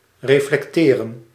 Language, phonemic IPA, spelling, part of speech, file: Dutch, /ˌreflɛkˈterə(n)/, reflecteren, verb, Nl-reflecteren.ogg
- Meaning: to reflect